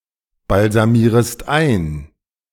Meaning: second-person singular subjunctive I of einbalsamieren
- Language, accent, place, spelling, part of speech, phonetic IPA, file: German, Germany, Berlin, balsamierest ein, verb, [balzaˌmiːʁəst ˈaɪ̯n], De-balsamierest ein.ogg